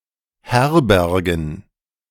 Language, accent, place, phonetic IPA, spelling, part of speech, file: German, Germany, Berlin, [ˈhɛʁbɛʁɡn̩], Herbergen, noun, De-Herbergen.ogg
- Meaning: plural of Herberge